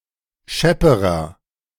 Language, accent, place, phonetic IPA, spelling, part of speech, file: German, Germany, Berlin, [ˈʃɛpəʁɐ], schepperer, adjective, De-schepperer.ogg
- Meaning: inflection of schepp: 1. strong/mixed nominative masculine singular comparative degree 2. strong genitive/dative feminine singular comparative degree 3. strong genitive plural comparative degree